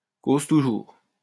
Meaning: carry on, keep going, keep talking, fascinating!
- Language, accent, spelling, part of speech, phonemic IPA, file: French, France, cause toujours, phrase, /koz tu.ʒuʁ/, LL-Q150 (fra)-cause toujours.wav